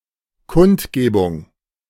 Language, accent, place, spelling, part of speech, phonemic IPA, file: German, Germany, Berlin, Kundgebung, noun, /ˈkʊntˌɡeːbʊŋ/, De-Kundgebung.ogg
- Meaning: rally, demonstration